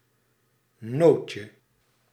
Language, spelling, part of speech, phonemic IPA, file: Dutch, nootje, noun, /ˈnocə/, Nl-nootje.ogg
- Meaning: diminutive of noot